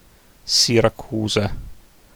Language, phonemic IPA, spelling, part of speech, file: Italian, /si.ra.ˈku.za/, Siracusa, proper noun, It-Siracusa.ogg